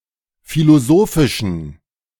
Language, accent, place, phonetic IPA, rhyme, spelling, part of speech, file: German, Germany, Berlin, [filoˈzoːfɪʃn̩], -oːfɪʃn̩, philosophischen, adjective, De-philosophischen.ogg
- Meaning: inflection of philosophisch: 1. strong genitive masculine/neuter singular 2. weak/mixed genitive/dative all-gender singular 3. strong/weak/mixed accusative masculine singular 4. strong dative plural